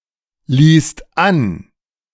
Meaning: second-person singular/plural preterite of anlassen
- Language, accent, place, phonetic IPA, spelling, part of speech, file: German, Germany, Berlin, [liːst ˈan], ließt an, verb, De-ließt an.ogg